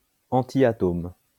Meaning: antiatom
- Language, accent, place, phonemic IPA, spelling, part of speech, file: French, France, Lyon, /ɑ̃.ti.a.tom/, antiatome, noun, LL-Q150 (fra)-antiatome.wav